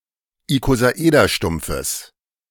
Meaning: genitive singular of Ikosaederstumpf
- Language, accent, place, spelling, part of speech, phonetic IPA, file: German, Germany, Berlin, Ikosaederstumpfes, noun, [ikozaˈʔeːdɐˌʃtʊmp͡fəs], De-Ikosaederstumpfes.ogg